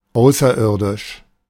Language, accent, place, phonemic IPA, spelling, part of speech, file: German, Germany, Berlin, /ˈʔaʊ̯s.ɐˌɪɐ̯.dɪʃ/, außerirdisch, adjective, De-außerirdisch.ogg
- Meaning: extraterrestrial